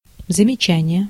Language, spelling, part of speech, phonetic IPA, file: Russian, замечание, noun, [zəmʲɪˈt͡ɕænʲɪje], Ru-замечание.ogg
- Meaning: 1. remark, observation, criticism 2. reproof, rebuke, reprimand, talking-to, telling-off